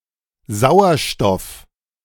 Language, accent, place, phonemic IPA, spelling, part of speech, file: German, Germany, Berlin, /ˈzaʊ̯ɐʃtɔf/, Sauerstoff, noun, De-Sauerstoff.ogg
- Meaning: oxygen